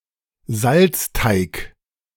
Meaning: salt dough (a doughlike paste used to create three-dimensional relief maps)
- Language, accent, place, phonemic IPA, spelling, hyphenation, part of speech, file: German, Germany, Berlin, /zalt͡sˈtaɪ̯k/, Salzteig, Salz‧teig, noun, De-Salzteig.ogg